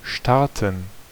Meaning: 1. to start (airplane, event etc.) 2. to start something
- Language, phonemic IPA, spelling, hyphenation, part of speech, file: German, /ˈʃtartən/, starten, star‧ten, verb, De-starten.ogg